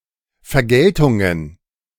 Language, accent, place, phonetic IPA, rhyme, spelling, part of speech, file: German, Germany, Berlin, [fɛɐ̯ˈɡɛltʊŋən], -ɛltʊŋən, Vergeltungen, noun, De-Vergeltungen.ogg
- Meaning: plural of Vergeltung